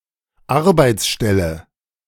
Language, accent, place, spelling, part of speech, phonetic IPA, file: German, Germany, Berlin, Arbeitsstelle, noun, [ˈaʁbaɪ̯t͡sˌʃtɛlə], De-Arbeitsstelle.ogg
- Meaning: 1. job, position 2. roadworks